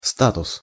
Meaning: status
- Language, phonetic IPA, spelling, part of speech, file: Russian, [ˈstatʊs], статус, noun, Ru-статус.ogg